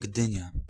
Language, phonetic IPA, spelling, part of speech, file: Polish, [ˈɡdɨ̃ɲa], Gdynia, proper noun, Pl-Gdynia.ogg